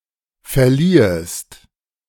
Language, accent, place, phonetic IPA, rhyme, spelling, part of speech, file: German, Germany, Berlin, [fɛɐ̯ˈliːəst], -iːəst, verliehest, verb, De-verliehest.ogg
- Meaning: second-person singular subjunctive II of verleihen